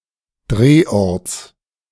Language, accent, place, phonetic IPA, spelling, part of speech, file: German, Germany, Berlin, [ˈdʁeːˌʔɔʁt͡s], Drehorts, noun, De-Drehorts.ogg
- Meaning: genitive of Drehort